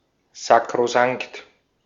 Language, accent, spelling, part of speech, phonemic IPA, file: German, Austria, sakrosankt, adjective, /sakʁoˈsaŋkt/, De-at-sakrosankt.ogg
- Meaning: sacrosanct